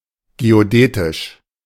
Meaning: geodesic, geodetic, geodetical
- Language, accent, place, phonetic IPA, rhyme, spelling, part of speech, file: German, Germany, Berlin, [ɡeoˈdɛːtɪʃ], -ɛːtɪʃ, geodätisch, adjective, De-geodätisch.ogg